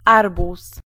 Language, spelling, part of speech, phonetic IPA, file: Polish, arbuz, noun, [ˈarbus], Pl-arbuz.ogg